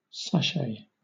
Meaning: 1. A small scented cloth bag filled with fragrant material such as herbs or potpourri 2. A cheesecloth bag of herbs or spices added during cooking and then removed before serving
- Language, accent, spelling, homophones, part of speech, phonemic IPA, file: English, Southern England, sachet, sashay, noun, /ˈsæʃeɪ/, LL-Q1860 (eng)-sachet.wav